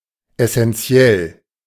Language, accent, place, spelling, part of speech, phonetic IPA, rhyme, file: German, Germany, Berlin, essenziell, adjective, [ˌɛsɛnˈt͡si̯ɛl], -ɛl, De-essenziell.ogg
- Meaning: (adjective) essential; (adverb) essentially